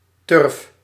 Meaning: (noun) 1. peat 2. a tally mark representing five 3. a fat book, tome; a book containing many pages; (verb) inflection of turven: first-person singular present indicative
- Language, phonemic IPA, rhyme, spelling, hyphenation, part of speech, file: Dutch, /tʏrf/, -ʏrf, turf, turf, noun / verb, Nl-turf.ogg